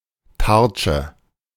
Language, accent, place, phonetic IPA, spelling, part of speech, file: German, Germany, Berlin, [ˈtaʁt͡ʃə], Tartsche, noun, De-Tartsche.ogg
- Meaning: shield, targe